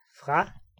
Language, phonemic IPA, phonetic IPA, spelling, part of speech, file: Danish, /fra/, [fʁ̥ɑ], fra, preposition, Da-fra.ogg
- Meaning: from